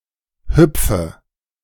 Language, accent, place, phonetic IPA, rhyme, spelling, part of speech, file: German, Germany, Berlin, [ˈhʏp͡fə], -ʏp͡fə, hüpfe, verb, De-hüpfe.ogg
- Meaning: inflection of hüpfen: 1. first-person singular present 2. singular imperative 3. first/third-person singular subjunctive I